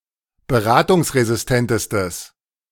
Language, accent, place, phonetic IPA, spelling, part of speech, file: German, Germany, Berlin, [bəˈʁaːtʊŋsʁezɪsˌtɛntəstəs], beratungsresistentestes, adjective, De-beratungsresistentestes.ogg
- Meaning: strong/mixed nominative/accusative neuter singular superlative degree of beratungsresistent